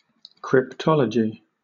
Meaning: 1. The science or study of mathematical, linguistic, and other coding patterns and histories 2. The practice of analysing encoded messages, in order to decode them 3. Secret or enigmatical language
- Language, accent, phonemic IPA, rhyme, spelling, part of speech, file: English, Southern England, /kɹɪpˈtɒl.ə.dʒi/, -ɒlədʒi, cryptology, noun, LL-Q1860 (eng)-cryptology.wav